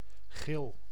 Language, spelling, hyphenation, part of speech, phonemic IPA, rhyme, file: Dutch, gil, gil, noun / verb, /ɣɪl/, -ɪl, Nl-gil.ogg
- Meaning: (noun) scream; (verb) inflection of gillen: 1. first-person singular present indicative 2. second-person singular present indicative 3. imperative